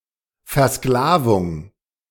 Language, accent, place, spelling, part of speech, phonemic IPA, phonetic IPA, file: German, Germany, Berlin, Versklavung, noun, /fɛʁˈsklaːvʊŋ/, [fɛɐ̯ˈsklaːvʊŋ], De-Versklavung.ogg
- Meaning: enslavement